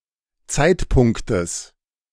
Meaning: genitive singular of Zeitpunkt
- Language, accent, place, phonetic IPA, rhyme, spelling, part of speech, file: German, Germany, Berlin, [ˈt͡saɪ̯tˌpʊŋktəs], -aɪ̯tpʊŋktəs, Zeitpunktes, noun, De-Zeitpunktes.ogg